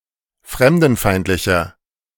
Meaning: 1. comparative degree of fremdenfeindlich 2. inflection of fremdenfeindlich: strong/mixed nominative masculine singular 3. inflection of fremdenfeindlich: strong genitive/dative feminine singular
- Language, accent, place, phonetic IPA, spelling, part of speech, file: German, Germany, Berlin, [ˈfʁɛmdn̩ˌfaɪ̯ntlɪçɐ], fremdenfeindlicher, adjective, De-fremdenfeindlicher.ogg